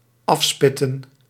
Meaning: to excavate, to remove (material) from (by digging)
- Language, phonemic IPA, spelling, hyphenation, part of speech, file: Dutch, /ˈɑfˌspɪ.tə(n)/, afspitten, af‧spit‧ten, verb, Nl-afspitten.ogg